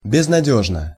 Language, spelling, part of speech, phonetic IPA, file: Russian, безнадёжно, adverb / adjective, [bʲɪznɐˈdʲɵʐnə], Ru-безнадёжно.ogg
- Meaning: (adverb) hopelessly; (adjective) short neuter singular of безнадёжный (beznadjóžnyj)